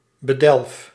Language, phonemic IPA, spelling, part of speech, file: Dutch, /bəˈdɛlᵊf/, bedelf, verb, Nl-bedelf.ogg
- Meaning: inflection of bedelven: 1. first-person singular present indicative 2. second-person singular present indicative 3. imperative